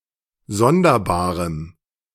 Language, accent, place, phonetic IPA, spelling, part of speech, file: German, Germany, Berlin, [ˈzɔndɐˌbaːʁəm], sonderbarem, adjective, De-sonderbarem.ogg
- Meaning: strong dative masculine/neuter singular of sonderbar